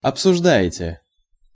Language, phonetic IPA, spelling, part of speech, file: Russian, [ɐpsʊʐˈda(j)ɪtʲe], обсуждаете, verb, Ru-обсуждаете.ogg
- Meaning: second-person plural present indicative imperfective of обсужда́ть (obsuždátʹ)